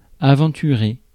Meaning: 1. to venture 2. to venture into
- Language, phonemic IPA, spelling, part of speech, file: French, /a.vɑ̃.ty.ʁe/, aventurer, verb, Fr-aventurer.ogg